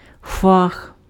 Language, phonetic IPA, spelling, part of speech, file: Ukrainian, [fax], фах, noun, Uk-фах.ogg
- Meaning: profession